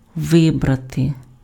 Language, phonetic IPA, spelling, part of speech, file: Ukrainian, [ˈʋɪbrɐte], вибрати, verb, Uk-вибрати.ogg
- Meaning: 1. to choose, to select, to pick, to opt for 2. to elect